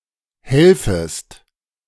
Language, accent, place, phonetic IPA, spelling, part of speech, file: German, Germany, Berlin, [ˈhɛlfəst], helfest, verb, De-helfest.ogg
- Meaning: second-person singular subjunctive I of helfen